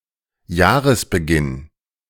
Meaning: beginning of the year
- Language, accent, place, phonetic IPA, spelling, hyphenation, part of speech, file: German, Germany, Berlin, [ˈjaːʁəsbəˌɡɪn], Jahresbeginn, Jah‧res‧be‧ginn, noun, De-Jahresbeginn.ogg